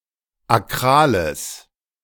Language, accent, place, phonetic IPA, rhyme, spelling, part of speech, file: German, Germany, Berlin, [aˈkʁaːləs], -aːləs, akrales, adjective, De-akrales.ogg
- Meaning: strong/mixed nominative/accusative neuter singular of akral